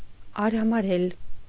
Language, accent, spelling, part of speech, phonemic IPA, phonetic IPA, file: Armenian, Eastern Armenian, արհամարհել, verb, /ɑɾhɑmɑˈɾel/, [ɑɾhɑmɑɾél], Hy-արհամարհել.ogg
- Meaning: 1. to despise, to hold in contempt 2. to disdain